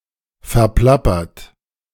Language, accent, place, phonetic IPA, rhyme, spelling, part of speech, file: German, Germany, Berlin, [fɛɐ̯ˈplapɐt], -apɐt, verplappert, verb, De-verplappert.ogg
- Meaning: 1. past participle of verplappern 2. inflection of verplappern: third-person singular present 3. inflection of verplappern: second-person plural present 4. inflection of verplappern: plural imperative